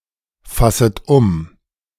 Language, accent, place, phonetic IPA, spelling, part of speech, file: German, Germany, Berlin, [ˌfasət ˈʊm], fasset um, verb, De-fasset um.ogg
- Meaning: second-person plural subjunctive I of umfassen